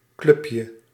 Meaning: diminutive of club
- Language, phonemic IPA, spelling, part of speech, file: Dutch, /ˈklʏpjə/, clubje, noun, Nl-clubje.ogg